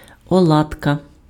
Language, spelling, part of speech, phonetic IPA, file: Ukrainian, оладка, noun, [ɔˈɫadkɐ], Uk-оладка.ogg
- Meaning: 1. alternative form of оладок (oladok) 2. genitive singular of оладок (oladok)